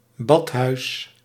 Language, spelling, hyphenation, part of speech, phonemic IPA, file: Dutch, badhuis, bad‧huis, noun, /ˈbɑt.ɦœy̯s/, Nl-badhuis.ogg
- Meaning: bathhouse